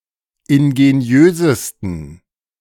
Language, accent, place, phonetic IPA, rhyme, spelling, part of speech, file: German, Germany, Berlin, [ɪnɡeˈni̯øːzəstn̩], -øːzəstn̩, ingeniösesten, adjective, De-ingeniösesten.ogg
- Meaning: 1. superlative degree of ingeniös 2. inflection of ingeniös: strong genitive masculine/neuter singular superlative degree